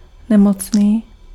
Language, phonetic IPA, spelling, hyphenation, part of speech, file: Czech, [ˈnɛmot͡sniː], nemocný, ne‧moc‧ný, adjective, Cs-nemocný.ogg
- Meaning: ill